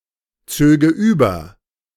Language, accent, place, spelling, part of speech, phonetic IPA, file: German, Germany, Berlin, zöge über, verb, [ˌt͡søːɡə ˈyːbɐ], De-zöge über.ogg
- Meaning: first/third-person singular subjunctive II of überziehen